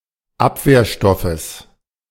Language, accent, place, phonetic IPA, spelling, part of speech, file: German, Germany, Berlin, [ˈapveːɐ̯ˌʃtɔfəs], Abwehrstoffes, noun, De-Abwehrstoffes.ogg
- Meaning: genitive singular of Abwehrstoff